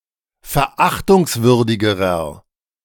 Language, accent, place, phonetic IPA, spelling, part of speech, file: German, Germany, Berlin, [fɛɐ̯ˈʔaxtʊŋsˌvʏʁdɪɡəʁɐ], verachtungswürdigerer, adjective, De-verachtungswürdigerer.ogg
- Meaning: inflection of verachtungswürdig: 1. strong/mixed nominative masculine singular comparative degree 2. strong genitive/dative feminine singular comparative degree